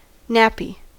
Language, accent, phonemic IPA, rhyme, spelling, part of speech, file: English, US, /ˈnæpi/, -æpi, nappy, noun / verb / adjective, En-us-nappy.ogg
- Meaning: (noun) An absorbent garment worn by a baby or toddler who does not yet have voluntary control of their bladder and bowels or by someone who is incontinent; a diaper; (verb) To put a nappy on